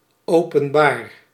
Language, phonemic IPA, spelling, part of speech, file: Dutch, /ˌopə(n)ˈbar/, openbaar, adjective / verb, Nl-openbaar.ogg
- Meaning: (adjective) 1. public 2. non-affiliated (e.g. neither Catholic, Protestant, nor socialist); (verb) inflection of openbaren: first-person singular present indicative